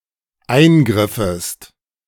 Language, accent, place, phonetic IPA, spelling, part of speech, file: German, Germany, Berlin, [ˈaɪ̯nˌɡʁɪfəst], eingriffest, verb, De-eingriffest.ogg
- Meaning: second-person singular dependent subjunctive II of eingreifen